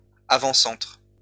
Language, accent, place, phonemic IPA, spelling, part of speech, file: French, France, Lyon, /a.vɑ̃.sɑ̃tʁ/, avant-centre, noun, LL-Q150 (fra)-avant-centre.wav
- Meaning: centre forward